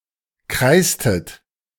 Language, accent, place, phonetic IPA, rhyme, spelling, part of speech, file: German, Germany, Berlin, [ˈkʁaɪ̯stət], -aɪ̯stət, kreißtet, verb, De-kreißtet.ogg
- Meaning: inflection of kreißen: 1. second-person plural preterite 2. second-person plural subjunctive II